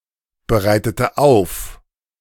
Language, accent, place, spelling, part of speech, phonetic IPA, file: German, Germany, Berlin, bereitete auf, verb, [bəˌʁaɪ̯tətə ˈaʊ̯f], De-bereitete auf.ogg
- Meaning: inflection of aufbereiten: 1. first/third-person singular preterite 2. first/third-person singular subjunctive II